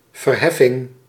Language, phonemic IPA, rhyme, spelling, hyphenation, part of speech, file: Dutch, /vərˈɦɛ.fɪŋ/, -ɛfɪŋ, verheffing, ver‧hef‧fing, noun, Nl-verheffing.ogg
- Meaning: 1. lifting up, the act of raising 2. edification, uplifting through education or cultural influence